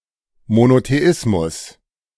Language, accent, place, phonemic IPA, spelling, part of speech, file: German, Germany, Berlin, /monoteˈʔɪsmʊs/, Monotheismus, noun, De-Monotheismus.ogg
- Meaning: monotheism